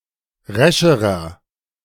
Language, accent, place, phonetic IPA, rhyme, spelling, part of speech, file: German, Germany, Berlin, [ˈʁɛʃəʁɐ], -ɛʃəʁɐ, rescherer, adjective, De-rescherer.ogg
- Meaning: inflection of resch: 1. strong/mixed nominative masculine singular comparative degree 2. strong genitive/dative feminine singular comparative degree 3. strong genitive plural comparative degree